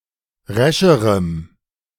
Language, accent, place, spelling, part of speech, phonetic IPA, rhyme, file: German, Germany, Berlin, rescherem, adjective, [ˈʁɛʃəʁəm], -ɛʃəʁəm, De-rescherem.ogg
- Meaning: strong dative masculine/neuter singular comparative degree of resch